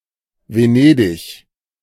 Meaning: Venice (a port city and comune, the capital of the Metropolitan City of Venice and the region of Veneto, Italy; former capital of an independent republic)
- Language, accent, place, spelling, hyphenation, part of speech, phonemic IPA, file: German, Germany, Berlin, Venedig, Ve‧ne‧dig, proper noun, /veˈneːdɪç/, De-Venedig.ogg